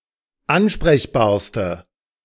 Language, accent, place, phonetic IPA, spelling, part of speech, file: German, Germany, Berlin, [ˈanʃpʁɛçbaːɐ̯stə], ansprechbarste, adjective, De-ansprechbarste.ogg
- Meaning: inflection of ansprechbar: 1. strong/mixed nominative/accusative feminine singular superlative degree 2. strong nominative/accusative plural superlative degree